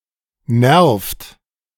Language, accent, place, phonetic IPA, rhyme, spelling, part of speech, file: German, Germany, Berlin, [nɛʁft], -ɛʁft, nervt, verb, De-nervt.ogg
- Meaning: inflection of nerven: 1. third-person singular present 2. second-person plural present 3. plural imperative